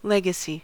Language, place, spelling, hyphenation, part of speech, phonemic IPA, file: English, California, legacy, le‧ga‧cy, noun / adjective, /ˈlɛɡəsi/, En-us-legacy.ogg
- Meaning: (noun) 1. Money or property bequeathed to someone in a will 2. Something inherited from a predecessor or the past 3. The descendant of an alumnus, given preference in academic admissions